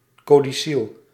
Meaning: codicil
- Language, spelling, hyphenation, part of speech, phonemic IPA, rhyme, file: Dutch, codicil, co‧di‧cil, noun, /ˌkoː.diˈsil/, -il, Nl-codicil.ogg